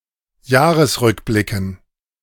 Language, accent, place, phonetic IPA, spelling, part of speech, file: German, Germany, Berlin, [ˈjaːʁəsˌʁʏkblɪkn̩], Jahresrückblicken, noun, De-Jahresrückblicken.ogg
- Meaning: dative plural of Jahresrückblick